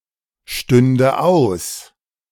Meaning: first/third-person singular subjunctive II of ausstehen
- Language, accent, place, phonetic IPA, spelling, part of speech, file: German, Germany, Berlin, [ˌʃtʏndə ˈaʊ̯s], stünde aus, verb, De-stünde aus.ogg